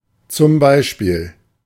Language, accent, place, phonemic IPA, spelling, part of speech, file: German, Germany, Berlin, /t͡sʊm ˈbaɪ̯ˌʃpiːl/, zum Beispiel, adverb, De-zum Beispiel.ogg
- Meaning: for example, for instance